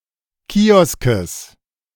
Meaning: genitive singular of Kiosk
- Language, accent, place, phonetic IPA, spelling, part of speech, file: German, Germany, Berlin, [ˈkiːɔskəs], Kioskes, noun, De-Kioskes.ogg